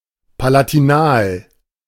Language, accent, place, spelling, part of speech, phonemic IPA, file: German, Germany, Berlin, palatinal, adjective, /palatiˈnaːl/, De-palatinal.ogg
- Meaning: palatal